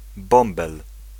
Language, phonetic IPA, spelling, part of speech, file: Polish, [ˈbɔ̃mbɛl], bąbel, noun, Pl-bąbel.ogg